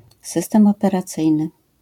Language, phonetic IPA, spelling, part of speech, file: Polish, [ˈsɨstɛ̃m ˌɔpɛraˈt͡sɨjnɨ], system operacyjny, noun, LL-Q809 (pol)-system operacyjny.wav